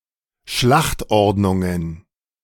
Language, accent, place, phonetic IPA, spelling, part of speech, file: German, Germany, Berlin, [ˈʃlaxtˌʔɔʁdnʊŋən], Schlachtordnungen, noun, De-Schlachtordnungen.ogg
- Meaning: plural of Schlachtordnung